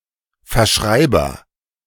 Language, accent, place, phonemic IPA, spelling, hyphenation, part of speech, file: German, Germany, Berlin, /fɛɐ̯ˈʃʁaɪ̯bɐ/, Verschreiber, Ver‧schrei‧ber, noun, De-Verschreiber.ogg
- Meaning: agent noun of verschreiben